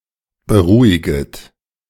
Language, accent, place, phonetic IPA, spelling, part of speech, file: German, Germany, Berlin, [bəˈʁuːɪɡət], beruhiget, verb, De-beruhiget.ogg
- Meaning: second-person plural subjunctive I of beruhigen